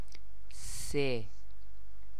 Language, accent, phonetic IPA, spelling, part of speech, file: Persian, Iran, [se], سه, numeral, Fa-سه.ogg
- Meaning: three